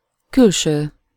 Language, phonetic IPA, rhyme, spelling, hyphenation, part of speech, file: Hungarian, [ˈkylʃøː], -ʃøː, külső, kül‧ső, adjective / noun, Hu-külső.ogg
- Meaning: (adjective) outer, outside, exterior, external, ecto-; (noun) 1. appearance 2. exterior